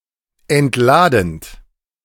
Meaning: present participle of entladen
- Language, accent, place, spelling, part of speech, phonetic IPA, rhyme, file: German, Germany, Berlin, entladend, verb, [ɛntˈlaːdn̩t], -aːdn̩t, De-entladend.ogg